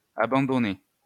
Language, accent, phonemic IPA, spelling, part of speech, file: French, France, /a.bɑ̃.dɔ.nɛ/, abandonnaient, verb, LL-Q150 (fra)-abandonnaient.wav
- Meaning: third-person plural imperfect indicative of abandonner